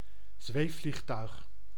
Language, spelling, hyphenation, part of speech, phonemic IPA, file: Dutch, zweefvliegtuig, zweef‧vlieg‧tuig, noun, /ˈzʋeː.flixˌtœy̯x/, Nl-zweefvliegtuig.ogg
- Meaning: glider, sailplane